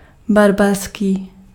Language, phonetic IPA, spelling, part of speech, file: Czech, [ˈbarbarskiː], barbarský, adjective, Cs-barbarský.ogg
- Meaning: 1. barbarian, barbaric 2. philistine, uncultured